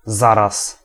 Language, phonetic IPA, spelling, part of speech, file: Polish, [ˈzaras], zaraz, particle / adverb / noun, Pl-zaraz.ogg